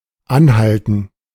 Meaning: gerund of anhalten
- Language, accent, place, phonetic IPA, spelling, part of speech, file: German, Germany, Berlin, [ˈanˌhaltn̩], Anhalten, noun, De-Anhalten.ogg